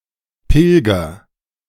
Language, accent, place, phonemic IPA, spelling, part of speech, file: German, Germany, Berlin, /ˈpɪlɡɐ/, Pilger, noun, De-Pilger.ogg
- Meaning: pilgrim